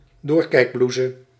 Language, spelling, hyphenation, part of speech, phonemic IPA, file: Dutch, doorkijkblouse, door‧kijk‧blou‧se, noun, /ˈdoːr.kɛi̯kˌblus/, Nl-doorkijkblouse.ogg
- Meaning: a see-through blouse